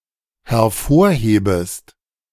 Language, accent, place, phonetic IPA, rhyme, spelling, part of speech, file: German, Germany, Berlin, [hɛɐ̯ˈfoːɐ̯ˌheːbəst], -oːɐ̯heːbəst, hervorhebest, verb, De-hervorhebest.ogg
- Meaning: second-person singular dependent subjunctive I of hervorheben